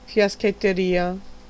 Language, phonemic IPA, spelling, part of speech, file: Italian, /fjasketteˈria/, fiaschetteria, noun, It-fiaschetteria.ogg